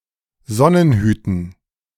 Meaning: dative plural of Sonnenhut
- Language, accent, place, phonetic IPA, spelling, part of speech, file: German, Germany, Berlin, [ˈzɔnənˌhyːtn̩], Sonnenhüten, noun, De-Sonnenhüten.ogg